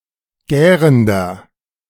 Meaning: inflection of gärend: 1. strong/mixed nominative masculine singular 2. strong genitive/dative feminine singular 3. strong genitive plural
- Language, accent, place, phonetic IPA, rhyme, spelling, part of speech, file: German, Germany, Berlin, [ˈɡɛːʁəndɐ], -ɛːʁəndɐ, gärender, adjective, De-gärender.ogg